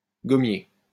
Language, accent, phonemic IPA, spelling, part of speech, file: French, France, /ɡɔ.mje/, gommier, noun, LL-Q150 (fra)-gommier.wav
- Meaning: gum, gumtree